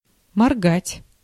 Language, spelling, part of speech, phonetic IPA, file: Russian, моргать, verb, [mɐrˈɡatʲ], Ru-моргать.ogg
- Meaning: 1. to blink 2. to wink